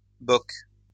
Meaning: 1. a beer glass having the capacity of approximately a quarter of a litre 2. the content of such a beer glass
- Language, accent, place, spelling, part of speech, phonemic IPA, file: French, France, Lyon, bock, noun, /bɔk/, LL-Q150 (fra)-bock.wav